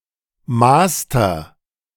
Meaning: 1. master's degree 2. master graduate
- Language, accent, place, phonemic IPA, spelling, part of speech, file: German, Germany, Berlin, /ˈmaːstɐ/, Master, noun, De-Master.ogg